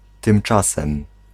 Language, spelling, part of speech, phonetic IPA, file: Polish, tymczasem, particle / adverb / interjection, [tɨ̃mˈt͡ʃasɛ̃m], Pl-tymczasem.ogg